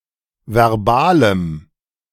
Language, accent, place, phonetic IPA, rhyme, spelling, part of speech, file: German, Germany, Berlin, [vɛʁˈbaːləm], -aːləm, verbalem, adjective, De-verbalem.ogg
- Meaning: strong dative masculine/neuter singular of verbal